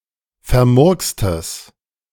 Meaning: strong/mixed nominative/accusative neuter singular of vermurkst
- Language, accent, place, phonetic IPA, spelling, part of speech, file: German, Germany, Berlin, [fɛɐ̯ˈmʊʁkstəs], vermurkstes, adjective, De-vermurkstes.ogg